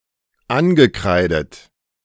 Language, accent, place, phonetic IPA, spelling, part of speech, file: German, Germany, Berlin, [ˈanɡəˌkʁaɪ̯dət], angekreidet, verb, De-angekreidet.ogg
- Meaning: past participle of ankreiden